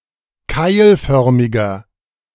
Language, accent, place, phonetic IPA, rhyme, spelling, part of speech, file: German, Germany, Berlin, [ˈkaɪ̯lˌfœʁmɪɡɐ], -aɪ̯lfœʁmɪɡɐ, keilförmiger, adjective, De-keilförmiger.ogg
- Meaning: inflection of keilförmig: 1. strong/mixed nominative masculine singular 2. strong genitive/dative feminine singular 3. strong genitive plural